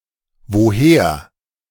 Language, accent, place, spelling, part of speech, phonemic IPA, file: German, Germany, Berlin, woher, adverb, /voˈheːɐ̯/, De-woher.ogg
- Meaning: 1. where from, whence 2. how (not the general meaning of "in which way", but meaning "from which source" or "from where" exactly)